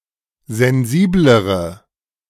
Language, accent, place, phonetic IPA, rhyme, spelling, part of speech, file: German, Germany, Berlin, [zɛnˈziːbləʁə], -iːbləʁə, sensiblere, adjective, De-sensiblere.ogg
- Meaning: inflection of sensibel: 1. strong/mixed nominative/accusative feminine singular comparative degree 2. strong nominative/accusative plural comparative degree